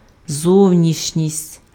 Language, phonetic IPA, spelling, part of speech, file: Ukrainian, [ˈzɔu̯nʲiʃnʲisʲtʲ], зовнішність, noun, Uk-зовнішність.ogg
- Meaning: outward appearance, exterior (how someone or something looks on the outside)